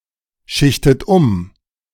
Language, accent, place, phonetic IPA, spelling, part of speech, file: German, Germany, Berlin, [ˌʃɪçtət ˈʊm], schichtet um, verb, De-schichtet um.ogg
- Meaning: inflection of umschichten: 1. third-person singular present 2. second-person plural present 3. second-person plural subjunctive I 4. plural imperative